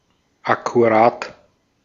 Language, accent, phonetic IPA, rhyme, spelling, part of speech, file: German, Austria, [akuˈʁaːt], -aːt, akkurat, adjective, De-at-akkurat.ogg
- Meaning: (adjective) 1. meticulous 2. exact; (adverb) exactly